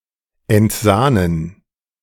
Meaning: to skim
- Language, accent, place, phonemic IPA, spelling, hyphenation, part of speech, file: German, Germany, Berlin, /ɛntˈzaːnən/, entsahnen, ent‧sah‧nen, verb, De-entsahnen.ogg